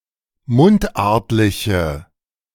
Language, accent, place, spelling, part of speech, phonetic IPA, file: German, Germany, Berlin, mundartliche, adjective, [ˈmʊntˌʔaʁtlɪçə], De-mundartliche.ogg
- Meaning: inflection of mundartlich: 1. strong/mixed nominative/accusative feminine singular 2. strong nominative/accusative plural 3. weak nominative all-gender singular